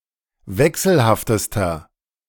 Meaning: inflection of wechselhaft: 1. strong/mixed nominative masculine singular superlative degree 2. strong genitive/dative feminine singular superlative degree 3. strong genitive plural superlative degree
- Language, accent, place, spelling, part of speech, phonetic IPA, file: German, Germany, Berlin, wechselhaftester, adjective, [ˈvɛksl̩haftəstɐ], De-wechselhaftester.ogg